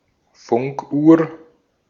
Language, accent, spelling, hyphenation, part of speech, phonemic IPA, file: German, Austria, Funkuhr, Funk‧uhr, noun, /ˈfʊŋkˌʔuːɐ̯/, De-at-Funkuhr.ogg
- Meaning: radio clock